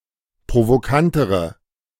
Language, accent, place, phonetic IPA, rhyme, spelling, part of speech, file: German, Germany, Berlin, [pʁovoˈkantəʁə], -antəʁə, provokantere, adjective, De-provokantere.ogg
- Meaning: inflection of provokant: 1. strong/mixed nominative/accusative feminine singular comparative degree 2. strong nominative/accusative plural comparative degree